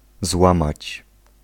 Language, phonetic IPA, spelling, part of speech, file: Polish, [ˈzwãmat͡ɕ], złamać, verb, Pl-złamać.ogg